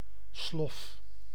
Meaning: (noun) house or bedroom slipper (shoe); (verb) inflection of sloffen: 1. first-person singular present indicative 2. second-person singular present indicative 3. imperative
- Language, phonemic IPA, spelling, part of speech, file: Dutch, /slɔf/, slof, noun / adjective / verb, Nl-slof.ogg